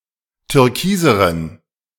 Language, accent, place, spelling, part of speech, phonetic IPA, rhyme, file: German, Germany, Berlin, türkiseren, adjective, [tʏʁˈkiːzəʁən], -iːzəʁən, De-türkiseren.ogg
- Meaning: inflection of türkis: 1. strong genitive masculine/neuter singular comparative degree 2. weak/mixed genitive/dative all-gender singular comparative degree